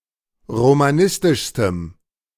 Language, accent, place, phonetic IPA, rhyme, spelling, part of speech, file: German, Germany, Berlin, [ʁomaˈnɪstɪʃstəm], -ɪstɪʃstəm, romanistischstem, adjective, De-romanistischstem.ogg
- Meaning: strong dative masculine/neuter singular superlative degree of romanistisch